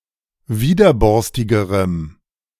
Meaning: strong dative masculine/neuter singular comparative degree of widerborstig
- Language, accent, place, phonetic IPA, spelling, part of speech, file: German, Germany, Berlin, [ˈviːdɐˌbɔʁstɪɡəʁəm], widerborstigerem, adjective, De-widerborstigerem.ogg